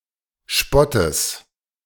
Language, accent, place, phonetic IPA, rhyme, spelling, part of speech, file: German, Germany, Berlin, [ˈʃpɔtəs], -ɔtəs, Spottes, noun, De-Spottes.ogg
- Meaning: genitive singular of Spott